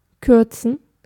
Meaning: 1. to shorten 2. to abbreviate 3. to abridge 4. to cancel (a fraction, equation or term)
- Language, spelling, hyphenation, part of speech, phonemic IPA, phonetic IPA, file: German, kürzen, kür‧zen, verb, /ˈkʏʁtsən/, [ˈkʰʏɐ̯tsn̩], De-kürzen.ogg